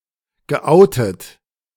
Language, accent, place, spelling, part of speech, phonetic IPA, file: German, Germany, Berlin, geoutet, verb, [ɡəˈʔaʊ̯tət], De-geoutet.ogg
- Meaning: past participle of outen